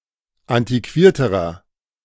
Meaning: inflection of antiquiert: 1. strong/mixed nominative masculine singular comparative degree 2. strong genitive/dative feminine singular comparative degree 3. strong genitive plural comparative degree
- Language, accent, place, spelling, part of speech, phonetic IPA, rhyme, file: German, Germany, Berlin, antiquierterer, adjective, [ˌantiˈkviːɐ̯təʁɐ], -iːɐ̯təʁɐ, De-antiquierterer.ogg